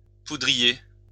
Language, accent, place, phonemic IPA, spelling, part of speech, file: French, France, Lyon, /pu.dʁi.je/, poudrier, noun, LL-Q150 (fra)-poudrier.wav
- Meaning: 1. powder compact 2. powder mill worker